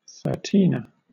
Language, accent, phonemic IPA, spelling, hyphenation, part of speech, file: English, Southern England, /θɜːˈtiːnə/, thirteener, thir‧teen‧er, noun, LL-Q1860 (eng)-thirteener.wav
- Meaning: 1. A child who is thirteen years old 2. A member of the 13th Gen; a Generation Xer or Gen-Xer 3. The last playing card of a suit left after the other twelve have been played 4. A hit for thirteen runs